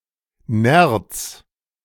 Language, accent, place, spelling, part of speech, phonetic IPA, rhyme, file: German, Germany, Berlin, Nerz, noun / proper noun, [nɛʁt͡s], -ɛʁt͡s, De-Nerz.ogg
- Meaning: mink